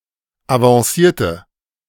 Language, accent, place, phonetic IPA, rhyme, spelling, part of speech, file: German, Germany, Berlin, [avɑ̃ˈsiːɐ̯tə], -iːɐ̯tə, avancierte, adjective / verb, De-avancierte.ogg
- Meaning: inflection of avancieren: 1. first/third-person singular preterite 2. first/third-person singular subjunctive II